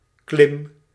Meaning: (noun) 1. climb, act of climbing 2. climb, an object or stretch that is climbed; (verb) inflection of klimmen: 1. first-person singular present indicative 2. second-person singular present indicative
- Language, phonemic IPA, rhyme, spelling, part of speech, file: Dutch, /klɪm/, -ɪm, klim, noun / verb, Nl-klim.ogg